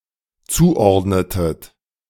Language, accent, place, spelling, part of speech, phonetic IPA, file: German, Germany, Berlin, zuordnetet, verb, [ˈt͡suːˌʔɔʁdnətət], De-zuordnetet.ogg
- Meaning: inflection of zuordnen: 1. second-person plural dependent preterite 2. second-person plural dependent subjunctive II